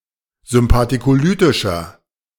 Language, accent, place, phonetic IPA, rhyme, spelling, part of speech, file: German, Germany, Berlin, [zʏmpatikoˈlyːtɪʃɐ], -yːtɪʃɐ, sympathicolytischer, adjective, De-sympathicolytischer.ogg
- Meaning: inflection of sympathicolytisch: 1. strong/mixed nominative masculine singular 2. strong genitive/dative feminine singular 3. strong genitive plural